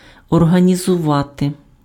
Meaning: to organise
- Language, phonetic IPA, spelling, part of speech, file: Ukrainian, [ɔrɦɐnʲizʊˈʋate], організувати, verb, Uk-організувати.ogg